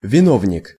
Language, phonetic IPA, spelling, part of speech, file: Russian, [vʲɪˈnovnʲɪk], виновник, noun, Ru-виновник.ogg
- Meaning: culprit